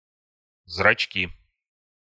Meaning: nominative/accusative plural of зрачо́к (zračók)
- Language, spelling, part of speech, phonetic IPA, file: Russian, зрачки, noun, [zrɐt͡ɕˈkʲi], Ru-зрачки.ogg